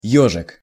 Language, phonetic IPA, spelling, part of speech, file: Russian, [ˈjɵʐɨk], ёжик, noun, Ru-ёжик.ogg
- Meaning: 1. diminutive of ёж (jož) 2. crew cut 3. a hot dish, a type of cutlet made from meat and rice